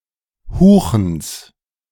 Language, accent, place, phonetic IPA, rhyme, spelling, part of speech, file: German, Germany, Berlin, [ˈhuːxn̩s], -uːxn̩s, Huchens, noun, De-Huchens.ogg
- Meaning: genitive singular of Huchen